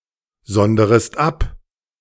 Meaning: second-person singular subjunctive I of absondern
- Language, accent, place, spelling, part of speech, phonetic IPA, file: German, Germany, Berlin, sonderest ab, verb, [ˌzɔndəʁəst ˈap], De-sonderest ab.ogg